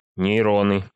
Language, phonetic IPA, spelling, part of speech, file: Russian, [nʲɪjˈronɨ], нейроны, noun, Ru-нейроны.ogg
- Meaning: nominative/accusative plural of нейро́н (nejrón)